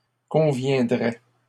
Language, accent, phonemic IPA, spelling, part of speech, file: French, Canada, /kɔ̃.vjɛ̃.dʁɛ/, conviendrais, verb, LL-Q150 (fra)-conviendrais.wav
- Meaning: first/second-person singular conditional of convenir